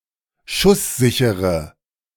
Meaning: inflection of schusssicher: 1. strong/mixed nominative/accusative feminine singular 2. strong nominative/accusative plural 3. weak nominative all-gender singular
- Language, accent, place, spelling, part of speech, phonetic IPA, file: German, Germany, Berlin, schusssichere, adjective, [ˈʃʊsˌzɪçəʁə], De-schusssichere.ogg